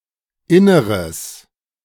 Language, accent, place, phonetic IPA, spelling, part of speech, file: German, Germany, Berlin, [ˈɪnəʁəs], Inneres, noun, De-Inneres.ogg
- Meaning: nominalization of inneres: 1. inside, interior 2. bowels, innards